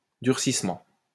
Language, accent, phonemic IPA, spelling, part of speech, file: French, France, /dyʁ.sis.mɑ̃/, durcissement, noun, LL-Q150 (fra)-durcissement.wav
- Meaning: hardening